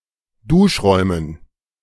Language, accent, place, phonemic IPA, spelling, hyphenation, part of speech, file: German, Germany, Berlin, /ˈdʊʃ̯ˌʁɔɪ̯mən/, Duschräumen, Dusch‧räu‧men, noun, De-Duschräumen.ogg
- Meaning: dative plural of Duschraum